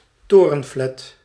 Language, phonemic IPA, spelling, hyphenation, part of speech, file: Dutch, /ˈtoː.rə(n)ˌflɛt/, torenflat, to‧ren‧flat, noun, Nl-torenflat.ogg
- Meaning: skyscraper (tall highrise building); tower block